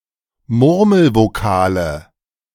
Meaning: nominative/accusative/genitive plural of Murmelvokal
- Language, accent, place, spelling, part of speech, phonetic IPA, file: German, Germany, Berlin, Murmelvokale, noun, [ˈmʊʁml̩voˌkaːlə], De-Murmelvokale.ogg